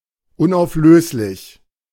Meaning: indissoluble, insoluble
- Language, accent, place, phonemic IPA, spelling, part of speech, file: German, Germany, Berlin, /ʊnʔaʊ̯fˈløːslɪç/, unauflöslich, adjective, De-unauflöslich.ogg